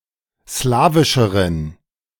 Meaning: inflection of slawisch: 1. strong genitive masculine/neuter singular comparative degree 2. weak/mixed genitive/dative all-gender singular comparative degree
- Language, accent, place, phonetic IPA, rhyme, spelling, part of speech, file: German, Germany, Berlin, [ˈslaːvɪʃəʁən], -aːvɪʃəʁən, slawischeren, adjective, De-slawischeren.ogg